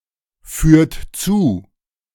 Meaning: inflection of zuführen: 1. second-person plural present 2. third-person singular present 3. plural imperative
- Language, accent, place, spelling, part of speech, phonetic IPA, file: German, Germany, Berlin, führt zu, verb, [ˌfyːɐ̯t ˈt͡suː], De-führt zu.ogg